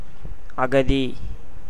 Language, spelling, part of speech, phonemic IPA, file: Tamil, அகதி, noun, /ɐɡɐd̪iː/, Ta-அகதி.ogg
- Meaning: refugee, one without resources or friends; a destitute person